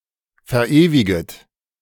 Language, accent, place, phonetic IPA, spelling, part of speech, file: German, Germany, Berlin, [fɛɐ̯ˈʔeːvɪɡət], verewiget, verb, De-verewiget.ogg
- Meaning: second-person plural subjunctive I of verewigen